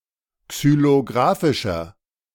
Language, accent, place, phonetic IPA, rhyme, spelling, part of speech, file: German, Germany, Berlin, [ksyloˈɡʁaːfɪʃɐ], -aːfɪʃɐ, xylographischer, adjective, De-xylographischer.ogg
- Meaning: inflection of xylographisch: 1. strong/mixed nominative masculine singular 2. strong genitive/dative feminine singular 3. strong genitive plural